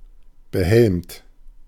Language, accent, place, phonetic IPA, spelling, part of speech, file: German, Germany, Berlin, [bəˈhɛlmt], behelmt, adjective / verb, De-behelmt.ogg
- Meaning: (verb) past participle of behelmen; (adjective) helmeted